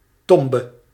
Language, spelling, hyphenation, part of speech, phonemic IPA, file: Dutch, tombe, tom‧be, noun, /ˈtɔm.bə/, Nl-tombe.ogg
- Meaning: tomb